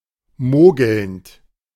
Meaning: present participle of mogeln
- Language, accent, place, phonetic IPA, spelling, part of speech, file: German, Germany, Berlin, [ˈmoːɡl̩nt], mogelnd, verb, De-mogelnd.ogg